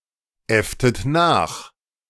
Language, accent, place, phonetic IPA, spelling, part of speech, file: German, Germany, Berlin, [ˌɛftət ˈnaːx], äfftet nach, verb, De-äfftet nach.ogg
- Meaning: inflection of nachäffen: 1. second-person plural preterite 2. second-person plural subjunctive II